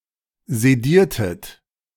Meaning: inflection of sedieren: 1. second-person plural preterite 2. second-person plural subjunctive II
- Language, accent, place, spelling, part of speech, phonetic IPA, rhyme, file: German, Germany, Berlin, sediertet, verb, [zeˈdiːɐ̯tət], -iːɐ̯tət, De-sediertet.ogg